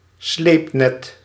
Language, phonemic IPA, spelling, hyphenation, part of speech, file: Dutch, /ˈsleːp.nɛt/, sleepnet, sleep‧net, noun, Nl-sleepnet.ogg
- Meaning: trawl, dragnet